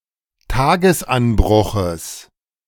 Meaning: genitive of Tagesanbruch
- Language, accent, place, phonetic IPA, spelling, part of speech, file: German, Germany, Berlin, [ˈtaːɡəsˌʔanbʁʊxəs], Tagesanbruches, noun, De-Tagesanbruches.ogg